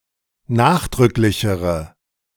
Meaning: inflection of nachdrücklich: 1. strong/mixed nominative/accusative feminine singular comparative degree 2. strong nominative/accusative plural comparative degree
- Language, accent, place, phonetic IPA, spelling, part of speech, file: German, Germany, Berlin, [ˈnaːxdʁʏklɪçəʁə], nachdrücklichere, adjective, De-nachdrücklichere.ogg